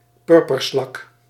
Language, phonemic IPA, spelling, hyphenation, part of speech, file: Dutch, /ˈpʏr.pərˌslɑk/, purperslak, pur‧per‧slak, noun, Nl-purperslak.ogg
- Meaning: dog whelk (Nucella lapillus)